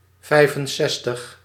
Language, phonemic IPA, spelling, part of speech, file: Dutch, /ˈvɛi̯fənˌsɛstəx/, vijfenzestig, numeral, Nl-vijfenzestig.ogg
- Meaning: sixty-five